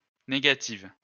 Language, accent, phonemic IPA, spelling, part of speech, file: French, France, /ne.ɡa.tiv/, négative, adjective, LL-Q150 (fra)-négative.wav
- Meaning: feminine singular of négatif